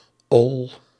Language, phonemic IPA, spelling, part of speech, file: Dutch, /ɔl/, -ol, suffix, Nl--ol.ogg
- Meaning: -ol